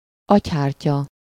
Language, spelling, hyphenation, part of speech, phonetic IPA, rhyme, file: Hungarian, agyhártya, agy‧hár‧tya, noun, [ˈɒchaːrcɒ], -cɒ, Hu-agyhártya.ogg
- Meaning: meninx (membrane of the brain)